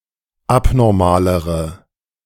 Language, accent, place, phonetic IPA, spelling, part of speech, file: German, Germany, Berlin, [ˈapnɔʁmaːləʁə], abnormalere, adjective, De-abnormalere.ogg
- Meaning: inflection of abnormal: 1. strong/mixed nominative/accusative feminine singular comparative degree 2. strong nominative/accusative plural comparative degree